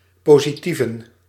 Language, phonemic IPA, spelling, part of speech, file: Dutch, /ˌpoziˈtivə(n)/, positieven, noun, Nl-positieven.ogg
- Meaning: plural of positief